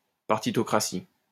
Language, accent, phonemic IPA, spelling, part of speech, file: French, France, /paʁ.ti.tɔ.kʁa.si/, partitocratie, noun, LL-Q150 (fra)-partitocratie.wav
- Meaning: partocracy, partitocracy, partocracy